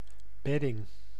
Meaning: 1. bed of any body of water; riverbed, seabed 2. floor or frame on which an artillery mount or gun carriage is deployed
- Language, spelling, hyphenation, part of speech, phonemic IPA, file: Dutch, bedding, bed‧ding, noun, /ˈbɛ.dɪŋ/, Nl-bedding.ogg